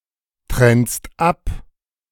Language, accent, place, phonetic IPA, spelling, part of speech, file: German, Germany, Berlin, [ˌtʁɛnst ˈap], trennst ab, verb, De-trennst ab.ogg
- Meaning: second-person singular present of abtrennen